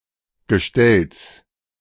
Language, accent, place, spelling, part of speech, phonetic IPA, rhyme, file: German, Germany, Berlin, Gestells, noun, [ɡəˈʃtɛls], -ɛls, De-Gestells.ogg
- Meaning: genitive singular of Gestell